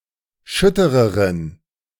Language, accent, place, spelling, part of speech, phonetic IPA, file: German, Germany, Berlin, schüttereren, adjective, [ˈʃʏtəʁəʁən], De-schüttereren.ogg
- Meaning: inflection of schütter: 1. strong genitive masculine/neuter singular comparative degree 2. weak/mixed genitive/dative all-gender singular comparative degree